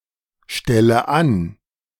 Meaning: inflection of anstellen: 1. first-person singular present 2. first/third-person singular subjunctive I 3. singular imperative
- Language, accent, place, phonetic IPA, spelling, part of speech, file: German, Germany, Berlin, [ˌʃtɛlə ˈan], stelle an, verb, De-stelle an.ogg